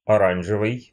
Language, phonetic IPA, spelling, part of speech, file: Russian, [ɐˈranʐɨvɨj], оранжевый, adjective, Ru-оранжевый.ogg
- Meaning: 1. orange (tree) 2. orange, a secondary color made by mixing red and yellow